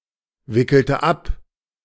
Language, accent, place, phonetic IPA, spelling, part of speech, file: German, Germany, Berlin, [ˌvɪkl̩tə ˈap], wickelte ab, verb, De-wickelte ab.ogg
- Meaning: inflection of abwickeln: 1. first/third-person singular preterite 2. first/third-person singular subjunctive II